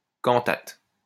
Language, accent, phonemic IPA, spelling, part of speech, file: French, France, /kɑ̃.tat/, cantate, noun, LL-Q150 (fra)-cantate.wav
- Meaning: cantata